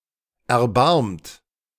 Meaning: 1. past participle of erbarmen 2. inflection of erbarmen: second-person plural present 3. inflection of erbarmen: third-person singular present 4. inflection of erbarmen: plural imperative
- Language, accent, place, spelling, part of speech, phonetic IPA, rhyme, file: German, Germany, Berlin, erbarmt, verb, [ɛɐ̯ˈbaʁmt], -aʁmt, De-erbarmt.ogg